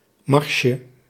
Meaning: diminutive of mars
- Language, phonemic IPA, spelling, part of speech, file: Dutch, /ˈmɑrʃə/, marsje, noun, Nl-marsje.ogg